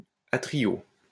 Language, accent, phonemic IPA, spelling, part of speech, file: French, France, /a.tʁi.jo/, atriau, noun, LL-Q150 (fra)-atriau.wav
- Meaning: a type of round sausage made with pork liver and encased in caul, characteristic of Savoy, Jura and French-speaking Switzerland